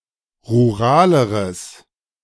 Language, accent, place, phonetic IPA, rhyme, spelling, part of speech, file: German, Germany, Berlin, [ʁuˈʁaːləʁəs], -aːləʁəs, ruraleres, adjective, De-ruraleres.ogg
- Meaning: strong/mixed nominative/accusative neuter singular comparative degree of rural